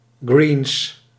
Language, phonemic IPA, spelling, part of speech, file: Dutch, /ɡriːns/, greens, noun, Nl-greens.ogg
- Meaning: plural of green